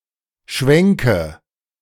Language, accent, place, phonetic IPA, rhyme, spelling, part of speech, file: German, Germany, Berlin, [ˈʃvɛŋkə], -ɛŋkə, Schwenke, noun, De-Schwenke.ogg
- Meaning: nominative/accusative/genitive plural of Schwenk